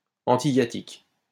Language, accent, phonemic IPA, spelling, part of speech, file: French, France, /ɑ̃.ti.ja.tik/, antihiatique, adjective, LL-Q150 (fra)-antihiatique.wav
- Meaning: antihiatic